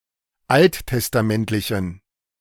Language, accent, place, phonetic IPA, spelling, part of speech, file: German, Germany, Berlin, [ˈalttɛstaˌmɛntlɪçn̩], alttestamentlichen, adjective, De-alttestamentlichen.ogg
- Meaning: inflection of alttestamentlich: 1. strong genitive masculine/neuter singular 2. weak/mixed genitive/dative all-gender singular 3. strong/weak/mixed accusative masculine singular